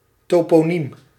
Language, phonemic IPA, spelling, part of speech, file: Dutch, /toːpoːˈnim/, toponiem, noun, Nl-toponiem.ogg
- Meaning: toponym, place name